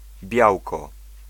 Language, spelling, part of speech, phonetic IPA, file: Polish, białko, noun, [ˈbʲjawkɔ], Pl-białko.ogg